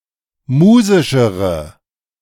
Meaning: inflection of musisch: 1. strong/mixed nominative/accusative feminine singular comparative degree 2. strong nominative/accusative plural comparative degree
- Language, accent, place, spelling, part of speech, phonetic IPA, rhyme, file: German, Germany, Berlin, musischere, adjective, [ˈmuːzɪʃəʁə], -uːzɪʃəʁə, De-musischere.ogg